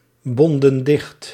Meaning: inflection of dichtbinden: 1. plural past indicative 2. plural past subjunctive
- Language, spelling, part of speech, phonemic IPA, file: Dutch, bonden dicht, verb, /ˈbɔndə(n) ˈdɪxt/, Nl-bonden dicht.ogg